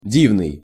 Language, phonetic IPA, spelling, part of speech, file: Russian, [ˈdʲivnɨj], дивный, adjective, Ru-дивный.ogg
- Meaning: marvelous, wonderful, delightful, lovely